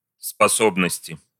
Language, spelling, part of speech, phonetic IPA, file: Russian, способности, noun, [spɐˈsobnəsʲtʲɪ], Ru-способности.ogg
- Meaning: inflection of спосо́бность (sposóbnostʹ): 1. genitive/dative/prepositional singular 2. nominative/accusative plural